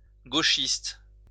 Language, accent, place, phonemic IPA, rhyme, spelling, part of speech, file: French, France, Lyon, /ɡo.ʃist/, -ist, gauchiste, adjective / noun, LL-Q150 (fra)-gauchiste.wav
- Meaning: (adjective) leftist